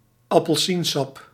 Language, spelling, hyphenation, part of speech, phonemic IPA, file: Dutch, appelsiensap, ap‧pel‧sien‧sap, noun, /ɑ.pəlˈsinˌsɑp/, Nl-appelsiensap.ogg
- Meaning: 1. orange juice 2. a serving of orange juice